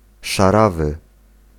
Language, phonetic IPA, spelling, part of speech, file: Polish, [ʃaˈravɨ], szarawy, adjective, Pl-szarawy.ogg